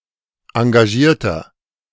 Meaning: 1. comparative degree of engagiert 2. inflection of engagiert: strong/mixed nominative masculine singular 3. inflection of engagiert: strong genitive/dative feminine singular
- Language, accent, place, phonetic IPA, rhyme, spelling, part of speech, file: German, Germany, Berlin, [ɑ̃ɡaˈʒiːɐ̯tɐ], -iːɐ̯tɐ, engagierter, adjective, De-engagierter.ogg